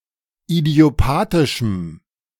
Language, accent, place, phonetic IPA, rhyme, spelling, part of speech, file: German, Germany, Berlin, [idi̯oˈpaːtɪʃm̩], -aːtɪʃm̩, idiopathischem, adjective, De-idiopathischem.ogg
- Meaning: strong dative masculine/neuter singular of idiopathisch